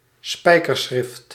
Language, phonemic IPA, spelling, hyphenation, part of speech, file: Dutch, /ˈspɛi̯.kərˌsxrɪft/, spijkerschrift, spij‧ker‧schrift, noun, Nl-spijkerschrift.ogg
- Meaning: cuneiform